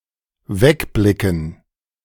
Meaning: to look away
- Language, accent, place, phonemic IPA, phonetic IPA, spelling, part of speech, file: German, Germany, Berlin, /ˈvɛkblɪkən/, [ˈvɛkblɪkŋ̩], wegblicken, verb, De-wegblicken.ogg